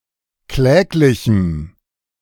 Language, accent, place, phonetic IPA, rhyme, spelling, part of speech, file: German, Germany, Berlin, [ˈklɛːklɪçm̩], -ɛːklɪçm̩, kläglichem, adjective, De-kläglichem.ogg
- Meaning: strong dative masculine/neuter singular of kläglich